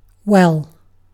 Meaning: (adverb) 1. Accurately, competently, satisfactorily 2. Completely, fully 3. To a significant degree 4. Very (as a general-purpose intensifier)
- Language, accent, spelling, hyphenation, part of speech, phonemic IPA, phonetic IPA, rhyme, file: English, Received Pronunciation, well, well, adverb / adjective / interjection / noun / verb, /ˈwɛl/, [ˈwɫ̩], -ɛl, En-uk-well.ogg